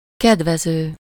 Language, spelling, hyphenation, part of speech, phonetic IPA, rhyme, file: Hungarian, kedvező, ked‧ve‧ző, verb / adjective, [ˈkɛdvɛzøː], -zøː, Hu-kedvező.ogg
- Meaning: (verb) present participle of kedvez; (adjective) advantageous, beneficial, favorable